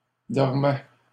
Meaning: third-person plural imperfect indicative of dormir
- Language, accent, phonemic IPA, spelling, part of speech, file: French, Canada, /dɔʁ.mɛ/, dormaient, verb, LL-Q150 (fra)-dormaient.wav